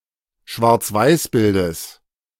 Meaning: genitive of Schwarzweißbild
- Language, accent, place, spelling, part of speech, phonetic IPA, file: German, Germany, Berlin, Schwarzweißbildes, noun, [ʃvaʁt͡sˈvaɪ̯sˌbɪldəs], De-Schwarzweißbildes.ogg